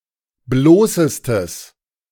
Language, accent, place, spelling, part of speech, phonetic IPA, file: German, Germany, Berlin, bloßestes, adjective, [ˈbloːsəstəs], De-bloßestes.ogg
- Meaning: strong/mixed nominative/accusative neuter singular superlative degree of bloß